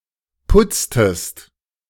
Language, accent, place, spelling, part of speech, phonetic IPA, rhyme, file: German, Germany, Berlin, putztest, verb, [ˈpʊt͡stəst], -ʊt͡stəst, De-putztest.ogg
- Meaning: inflection of putzen: 1. second-person singular preterite 2. second-person singular subjunctive II